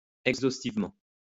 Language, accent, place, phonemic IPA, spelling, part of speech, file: French, France, Lyon, /ɛɡ.zos.tiv.mɑ̃/, exhaustivement, adverb, LL-Q150 (fra)-exhaustivement.wav
- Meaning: exhaustively